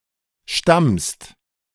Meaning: second-person singular present of stammen
- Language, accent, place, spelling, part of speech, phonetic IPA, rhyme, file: German, Germany, Berlin, stammst, verb, [ʃtamst], -amst, De-stammst.ogg